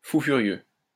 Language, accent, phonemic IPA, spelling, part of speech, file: French, France, /fu fy.ʁjø/, fou furieux, noun, LL-Q150 (fra)-fou furieux.wav
- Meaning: 1. berserk, raving lunatic 2. an excessively dogmatic, uncontrollable, unpredictable person